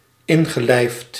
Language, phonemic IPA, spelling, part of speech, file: Dutch, /ˈɪnɣəˌlɛɪft/, ingelijfd, verb, Nl-ingelijfd.ogg
- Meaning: past participle of inlijven